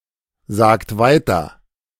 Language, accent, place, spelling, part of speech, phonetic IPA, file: German, Germany, Berlin, sagt weiter, verb, [ˌzaːkt ˈvaɪ̯tɐ], De-sagt weiter.ogg
- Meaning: inflection of weitersagen: 1. second-person plural present 2. third-person singular present 3. plural imperative